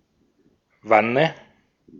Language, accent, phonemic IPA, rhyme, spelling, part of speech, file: German, Austria, /ˈvanə/, -anə, Wanne, noun, De-at-Wanne.ogg
- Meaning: tub, flat-bottomed vessel: 1. for bathing or washing 2. for technical uses, especially to collect or hold liquids 3. for kitchen use